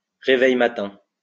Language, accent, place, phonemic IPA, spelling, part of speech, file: French, France, Lyon, /ʁe.vɛj.ma.tɛ̃/, réveille-matin, noun, LL-Q150 (fra)-réveille-matin.wav
- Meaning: 1. synonym of réveil (“alarm clock”) 2. synonym of euphorbe réveille-matin (“sun spurge”) (Euphorbia helioscopia)